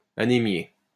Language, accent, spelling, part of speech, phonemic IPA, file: French, France, anémié, verb, /a.ne.mje/, LL-Q150 (fra)-anémié.wav
- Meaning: past participle of anémier